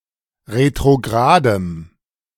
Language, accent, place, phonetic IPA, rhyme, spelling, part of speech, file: German, Germany, Berlin, [ʁetʁoˈɡʁaːdəm], -aːdəm, retrogradem, adjective, De-retrogradem.ogg
- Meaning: strong dative masculine/neuter singular of retrograd